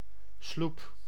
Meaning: 1. a small boat, with oars and historically often with a mast; rowing boat or small motorboat carried on a ship 2. a sloop
- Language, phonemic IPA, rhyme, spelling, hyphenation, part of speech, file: Dutch, /slup/, -up, sloep, sloep, noun, Nl-sloep.ogg